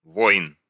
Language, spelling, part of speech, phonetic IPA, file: Russian, войн, noun, [vojn], Ru-войн.ogg
- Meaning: genitive plural of война́ (vojná)